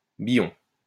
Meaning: 1. A log or hunk of wood 2. billon 3. ridge (in a ploughed field)
- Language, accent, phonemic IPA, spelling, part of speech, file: French, France, /bi.jɔ̃/, billon, noun, LL-Q150 (fra)-billon.wav